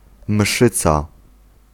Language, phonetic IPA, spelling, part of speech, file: Polish, [ˈm̥ʃɨt͡sa], mszyca, noun, Pl-mszyca.ogg